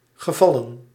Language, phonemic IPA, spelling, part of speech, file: Dutch, /ɣə.ˈvɑ.lə(n)/, gevallen, verb / noun, Nl-gevallen.ogg
- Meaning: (verb) 1. to happen, to occur 2. to like, to please; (noun) plural of geval; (verb) past participle of vallen